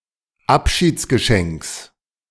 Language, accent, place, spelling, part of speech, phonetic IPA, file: German, Germany, Berlin, Abschiedsgeschenks, noun, [ˈapʃiːt͡sɡəˌʃɛŋks], De-Abschiedsgeschenks.ogg
- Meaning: genitive of Abschiedsgeschenk